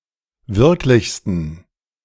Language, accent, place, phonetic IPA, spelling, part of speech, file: German, Germany, Berlin, [ˈvɪʁklɪçstn̩], wirklichsten, adjective, De-wirklichsten.ogg
- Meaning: 1. superlative degree of wirklich 2. inflection of wirklich: strong genitive masculine/neuter singular superlative degree